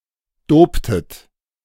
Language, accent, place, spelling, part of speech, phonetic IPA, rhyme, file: German, Germany, Berlin, doptet, verb, [ˈdoːptət], -oːptət, De-doptet.ogg
- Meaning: inflection of dopen: 1. second-person plural preterite 2. second-person plural subjunctive II